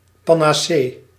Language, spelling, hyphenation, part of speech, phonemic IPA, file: Dutch, panacee, pa‧na‧cee, noun, /ˌpanaˌse/, Nl-panacee.ogg
- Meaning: panacea